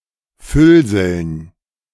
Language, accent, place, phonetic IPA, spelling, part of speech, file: German, Germany, Berlin, [ˈfʏlzl̩n], Füllseln, noun, De-Füllseln.ogg
- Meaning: dative plural of Füllsel